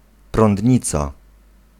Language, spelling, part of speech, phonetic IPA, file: Polish, prądnica, noun, [prɔ̃ndʲˈɲit͡sa], Pl-prądnica.ogg